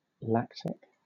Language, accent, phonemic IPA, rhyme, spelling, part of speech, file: English, Southern England, /ˈlæktɪk/, -æktɪk, lactic, adjective, LL-Q1860 (eng)-lactic.wav
- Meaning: 1. Of, relating to, or derived from milk 2. Relating to, or producing, lactic acid